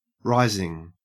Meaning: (verb) present participle and gerund of rise; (noun) 1. Rebellion 2. The act of something that rises 3. A dough and yeast mixture which is allowed to ferment
- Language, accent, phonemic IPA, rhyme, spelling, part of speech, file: English, Australia, /ˈɹaɪzɪŋ/, -aɪzɪŋ, rising, verb / noun / adjective / preposition, En-au-rising.ogg